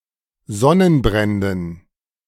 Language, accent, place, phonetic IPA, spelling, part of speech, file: German, Germany, Berlin, [ˈzɔnənˌbʁɛndn̩], Sonnenbränden, noun, De-Sonnenbränden.ogg
- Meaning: dative plural of Sonnenbrand